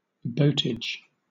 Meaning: 1. Conveyance, chiefly of goods, by boat 2. A charge for transporting goods or people by boat; (countable) an instance of this
- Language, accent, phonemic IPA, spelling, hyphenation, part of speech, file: English, Southern England, /ˈbəʊtɪd͡ʒ/, boatage, boat‧age, noun, LL-Q1860 (eng)-boatage.wav